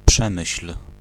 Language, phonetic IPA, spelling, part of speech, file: Polish, [ˈpʃɛ̃mɨɕl̥], Przemyśl, proper noun, Pl-Przemyśl.ogg